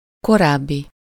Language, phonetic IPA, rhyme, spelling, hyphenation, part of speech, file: Hungarian, [ˈkoraːbːi], -bi, korábbi, ko‧ráb‧bi, adjective, Hu-korábbi.ogg
- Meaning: former, previous, earlier, preceding, older, past, prior (occurring previously)